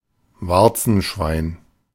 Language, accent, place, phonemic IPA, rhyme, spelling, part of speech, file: German, Germany, Berlin, /ˈvaʁt͡sn̩ˌʃvaɪ̯n/, -aɪ̯n, Warzenschwein, noun, De-Warzenschwein.ogg
- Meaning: warthog